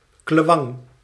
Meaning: klewang (short, machete-like Indonesian cutlass)
- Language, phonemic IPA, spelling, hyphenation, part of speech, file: Dutch, /ˈkleːʋɑŋ/, klewang, kle‧wang, noun, Nl-klewang.ogg